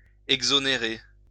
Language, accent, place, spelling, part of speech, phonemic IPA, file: French, France, Lyon, exonérer, verb, /ɛɡ.zɔ.ne.ʁe/, LL-Q150 (fra)-exonérer.wav
- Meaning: to exonerate